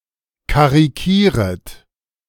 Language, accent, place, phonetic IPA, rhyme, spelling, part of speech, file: German, Germany, Berlin, [kaʁiˈkiːʁət], -iːʁət, karikieret, verb, De-karikieret.ogg
- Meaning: second-person plural subjunctive I of karikieren